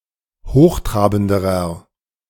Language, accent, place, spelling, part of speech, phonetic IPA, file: German, Germany, Berlin, hochtrabenderer, adjective, [ˈhoːxˌtʁaːbn̩dəʁɐ], De-hochtrabenderer.ogg
- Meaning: inflection of hochtrabend: 1. strong/mixed nominative masculine singular comparative degree 2. strong genitive/dative feminine singular comparative degree 3. strong genitive plural comparative degree